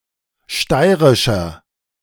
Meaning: 1. comparative degree of steirisch 2. inflection of steirisch: strong/mixed nominative masculine singular 3. inflection of steirisch: strong genitive/dative feminine singular
- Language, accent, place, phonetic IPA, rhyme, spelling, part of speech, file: German, Germany, Berlin, [ˈʃtaɪ̯ʁɪʃɐ], -aɪ̯ʁɪʃɐ, steirischer, adjective, De-steirischer.ogg